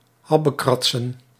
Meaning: plural of habbekrats
- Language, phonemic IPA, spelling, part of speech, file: Dutch, /ˈhɑbəkrɑtsə(n)/, habbekratsen, noun, Nl-habbekratsen.ogg